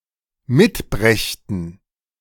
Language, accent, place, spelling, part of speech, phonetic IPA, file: German, Germany, Berlin, mitbrächten, verb, [ˈmɪtˌbʁɛçtn̩], De-mitbrächten.ogg
- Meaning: first/third-person plural dependent subjunctive II of mitbringen